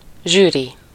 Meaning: jury (a group of judges in a competition)
- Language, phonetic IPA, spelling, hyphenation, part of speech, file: Hungarian, [ˈʒyːri], zsűri, zsű‧ri, noun, Hu-zsűri.ogg